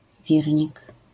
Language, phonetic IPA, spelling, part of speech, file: Polish, [ˈvʲirʲɲik], wirnik, noun, LL-Q809 (pol)-wirnik.wav